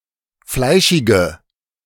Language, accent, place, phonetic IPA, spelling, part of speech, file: German, Germany, Berlin, [ˈflaɪ̯ʃɪɡə], fleischige, adjective, De-fleischige.ogg
- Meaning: inflection of fleischig: 1. strong/mixed nominative/accusative feminine singular 2. strong nominative/accusative plural 3. weak nominative all-gender singular